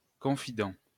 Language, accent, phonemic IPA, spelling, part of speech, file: French, France, /kɔ̃.fi.dɑ̃/, confident, noun, LL-Q150 (fra)-confident.wav
- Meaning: 1. confidant 2. tête-à-tête (love seat in an s-shape)